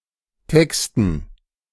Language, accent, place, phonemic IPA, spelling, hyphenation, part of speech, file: German, Germany, Berlin, /ˈtɛkstn̩/, Texten, Tex‧ten, noun, De-Texten.ogg
- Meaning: 1. gerund of texten 2. dative plural of Text